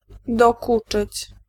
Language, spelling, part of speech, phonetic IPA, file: Polish, dokuczyć, verb, [dɔˈkut͡ʃɨt͡ɕ], Pl-dokuczyć.ogg